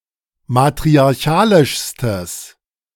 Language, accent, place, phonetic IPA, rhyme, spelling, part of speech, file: German, Germany, Berlin, [matʁiaʁˈçaːlɪʃstəs], -aːlɪʃstəs, matriarchalischstes, adjective, De-matriarchalischstes.ogg
- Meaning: strong/mixed nominative/accusative neuter singular superlative degree of matriarchalisch